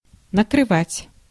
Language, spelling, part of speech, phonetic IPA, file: Russian, накрывать, verb, [nəkrɨˈvatʲ], Ru-накрывать.ogg
- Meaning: 1. to cover (from above, e.g. with a lid) 2. to hit, to place fire on a target, to trap (from above, e.g. of artillery fire or bombing) 3. to lay (a table) 4. to catch (in the act)